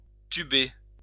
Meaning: 1. to make into a tube shape 2. to put into a tube
- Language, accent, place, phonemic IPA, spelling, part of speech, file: French, France, Lyon, /ty.be/, tuber, verb, LL-Q150 (fra)-tuber.wav